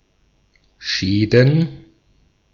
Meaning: plural of Schaden
- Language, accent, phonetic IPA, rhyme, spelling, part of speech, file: German, Austria, [ˈʃɛːdn̩], -ɛːdn̩, Schäden, noun, De-at-Schäden.ogg